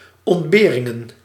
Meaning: plural of ontbering
- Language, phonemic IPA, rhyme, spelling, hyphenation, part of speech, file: Dutch, /ˌɔntˈbeː.rɪŋən/, -eːrɪŋən, ontberingen, ont‧be‧rin‧gen, noun, Nl-ontberingen.ogg